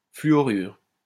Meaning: fluoride
- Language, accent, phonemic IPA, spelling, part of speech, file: French, France, /fly.ɔ.ʁyʁ/, fluorure, noun, LL-Q150 (fra)-fluorure.wav